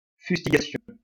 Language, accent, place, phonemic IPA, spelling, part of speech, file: French, France, Lyon, /fys.ti.ɡa.sjɔ̃/, fustigation, noun, LL-Q150 (fra)-fustigation.wav
- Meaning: fustigation